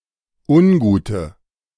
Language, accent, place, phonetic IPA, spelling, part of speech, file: German, Germany, Berlin, [ˈʊnˌɡuːtə], ungute, adjective, De-ungute.ogg
- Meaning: inflection of ungut: 1. strong/mixed nominative/accusative feminine singular 2. strong nominative/accusative plural 3. weak nominative all-gender singular 4. weak accusative feminine/neuter singular